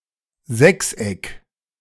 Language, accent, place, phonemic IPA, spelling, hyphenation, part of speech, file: German, Germany, Berlin, /ˈzɛksˌʔɛk/, Sechseck, Sechs‧eck, noun, De-Sechseck.ogg
- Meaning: hexagon